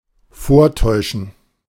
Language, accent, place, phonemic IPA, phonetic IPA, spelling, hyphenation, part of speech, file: German, Germany, Berlin, /ˈfoːɐ̯ˌtɔʏ̯ʃən/, [ˈfoːɐ̯ˌtʰɔʏ̯ʃn̩], vortäuschen, vor‧täu‧schen, verb, De-vortäuschen.ogg
- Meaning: to effect (make a false display of), fake, feign